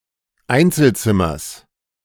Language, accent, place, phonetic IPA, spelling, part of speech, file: German, Germany, Berlin, [ˈaɪ̯nt͡sl̩ˌt͡sɪmɐs], Einzelzimmers, noun, De-Einzelzimmers.ogg
- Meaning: genitive singular of Einzelzimmer